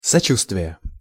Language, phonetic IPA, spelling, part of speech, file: Russian, [sɐˈt͡ɕustvʲɪje], сочувствие, noun, Ru-сочувствие.ogg
- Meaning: 1. compassion, sympathy 2. condolence